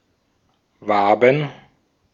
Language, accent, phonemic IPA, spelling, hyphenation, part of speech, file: German, Austria, /ˈvaːbən/, Waben, Wa‧ben, noun, De-at-Waben.ogg
- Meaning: 1. plural of Wabe 2. obsolete form of Wabe